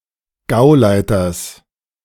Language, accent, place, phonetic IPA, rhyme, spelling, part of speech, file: German, Germany, Berlin, [ˈɡaʊ̯ˌlaɪ̯tɐs], -aʊ̯laɪ̯tɐs, Gauleiters, noun, De-Gauleiters.ogg
- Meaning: genitive singular of Gauleiter